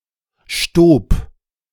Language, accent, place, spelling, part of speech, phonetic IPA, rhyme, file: German, Germany, Berlin, stob, verb, [ʃtoːp], -oːp, De-stob.ogg
- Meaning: first/third-person singular preterite of stieben